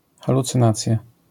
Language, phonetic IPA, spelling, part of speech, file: Polish, [ˌxalut͡sɨ̃ˈnat͡sʲja], halucynacja, noun, LL-Q809 (pol)-halucynacja.wav